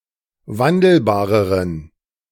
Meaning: inflection of wandelbar: 1. strong genitive masculine/neuter singular comparative degree 2. weak/mixed genitive/dative all-gender singular comparative degree
- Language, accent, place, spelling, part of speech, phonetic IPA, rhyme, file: German, Germany, Berlin, wandelbareren, adjective, [ˈvandl̩baːʁəʁən], -andl̩baːʁəʁən, De-wandelbareren.ogg